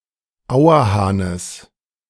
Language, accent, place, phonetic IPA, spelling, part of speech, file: German, Germany, Berlin, [ˈaʊ̯ɐˌhaːnəs], Auerhahnes, noun, De-Auerhahnes.ogg
- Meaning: genitive singular of Auerhahn